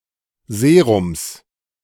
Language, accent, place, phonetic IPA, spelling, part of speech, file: German, Germany, Berlin, [ˈzeːʁʊms], Serums, noun, De-Serums.ogg
- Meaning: genitive singular of Serum